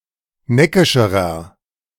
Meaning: inflection of neckisch: 1. strong/mixed nominative masculine singular comparative degree 2. strong genitive/dative feminine singular comparative degree 3. strong genitive plural comparative degree
- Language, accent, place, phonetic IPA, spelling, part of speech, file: German, Germany, Berlin, [ˈnɛkɪʃəʁɐ], neckischerer, adjective, De-neckischerer.ogg